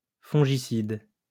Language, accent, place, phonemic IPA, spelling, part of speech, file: French, France, Lyon, /fɔ̃.ʒi.sid/, fongicide, adjective / noun, LL-Q150 (fra)-fongicide.wav
- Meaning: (adjective) fungicidal; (noun) fungicide